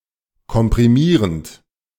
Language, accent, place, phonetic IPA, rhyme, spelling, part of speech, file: German, Germany, Berlin, [kɔmpʁiˈmiːʁənt], -iːʁənt, komprimierend, verb, De-komprimierend.ogg
- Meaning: present participle of komprimieren